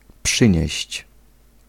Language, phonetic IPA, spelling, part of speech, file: Polish, [ˈpʃɨ̃ɲɛ̇ɕt͡ɕ], przynieść, verb, Pl-przynieść.ogg